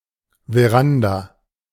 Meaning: veranda
- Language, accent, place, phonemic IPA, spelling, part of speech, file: German, Germany, Berlin, /veˈʁanda/, Veranda, noun, De-Veranda.ogg